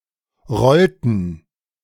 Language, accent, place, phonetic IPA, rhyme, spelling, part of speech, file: German, Germany, Berlin, [ˈʁɔltn̩], -ɔltn̩, rollten, verb, De-rollten.ogg
- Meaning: inflection of rollen: 1. first/third-person plural preterite 2. first/third-person plural subjunctive II